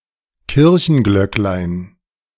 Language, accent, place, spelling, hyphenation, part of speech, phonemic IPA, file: German, Germany, Berlin, Kirchenglöcklein, Kir‧chen‧glöck‧lein, noun, /ˈkɪʁçənˌɡlœk.laɪ̯n/, De-Kirchenglöcklein.ogg
- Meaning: diminutive of Kirchenglocke (“church bell”)